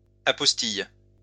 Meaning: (noun) apostille; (verb) inflection of apostiller: 1. first/third-person singular present indicative/subjunctive 2. second-person singular imperative
- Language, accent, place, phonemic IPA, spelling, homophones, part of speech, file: French, France, Lyon, /a.pɔs.tij/, apostille, apostillent / apostilles, noun / verb, LL-Q150 (fra)-apostille.wav